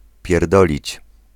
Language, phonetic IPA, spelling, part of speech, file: Polish, [pʲjɛr.ˈdɔ.lʲit͡ɕ], pierdolić, verb, Pl-pierdolić.ogg